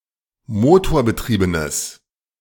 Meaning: strong/mixed nominative/accusative neuter singular of motorbetrieben
- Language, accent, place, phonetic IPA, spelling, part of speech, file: German, Germany, Berlin, [ˈmoːtoːɐ̯bəˌtʁiːbənəs], motorbetriebenes, adjective, De-motorbetriebenes.ogg